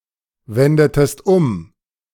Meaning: inflection of umwenden: 1. second-person singular preterite 2. second-person singular subjunctive II
- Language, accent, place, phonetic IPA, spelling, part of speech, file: German, Germany, Berlin, [ˌvɛndətəst ˈʊm], wendetest um, verb, De-wendetest um.ogg